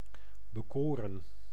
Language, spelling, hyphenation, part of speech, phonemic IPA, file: Dutch, bekoren, be‧ko‧ren, verb, /bəˈkoːrə(n)/, Nl-bekoren.ogg
- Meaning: 1. to charm 2. to captivate